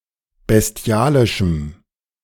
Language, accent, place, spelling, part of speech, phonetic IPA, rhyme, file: German, Germany, Berlin, bestialischem, adjective, [bɛsˈti̯aːlɪʃm̩], -aːlɪʃm̩, De-bestialischem.ogg
- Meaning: strong dative masculine/neuter singular of bestialisch